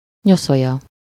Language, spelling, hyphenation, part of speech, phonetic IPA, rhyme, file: Hungarian, nyoszolya, nyo‧szo‧lya, noun, [ˈɲosojɒ], -jɒ, Hu-nyoszolya.ogg
- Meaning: 1. bed (a piece of furniture on which to rest or sleep) 2. bed (an ornate, canopied bed, towering with lots of pillows and comforters) 3. bedstead, cot (a crude bed on four legs, without sides)